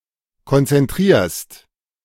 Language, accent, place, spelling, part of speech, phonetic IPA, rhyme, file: German, Germany, Berlin, konzentrierst, verb, [kɔnt͡sɛnˈtʁiːɐ̯st], -iːɐ̯st, De-konzentrierst.ogg
- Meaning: second-person singular present of konzentrieren